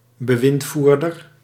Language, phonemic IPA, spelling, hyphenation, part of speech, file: Dutch, /bəˈʋɪntˌvuːr.dər/, bewindvoerder, be‧wind‧voer‧der, noun, Nl-bewindvoerder.ogg
- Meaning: trustee, financial administrator